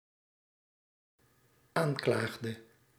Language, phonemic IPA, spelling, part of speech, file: Dutch, /ˈaɲklaɣdə/, aanklaagde, verb, Nl-aanklaagde.ogg
- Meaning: inflection of aanklagen: 1. singular dependent-clause past indicative 2. singular dependent-clause past subjunctive